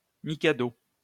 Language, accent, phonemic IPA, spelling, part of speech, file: French, France, /mi.ka.do/, mikado, noun, LL-Q150 (fra)-mikado.wav
- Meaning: 1. mikado, a former title of the emperors of Japan during a certain period 2. any emperor of Japan 3. mikado (game of skill)